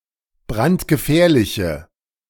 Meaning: inflection of brandgefährlich: 1. strong/mixed nominative/accusative feminine singular 2. strong nominative/accusative plural 3. weak nominative all-gender singular
- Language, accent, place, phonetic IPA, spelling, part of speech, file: German, Germany, Berlin, [ˈbʁantɡəˌfɛːɐ̯lɪçə], brandgefährliche, adjective, De-brandgefährliche.ogg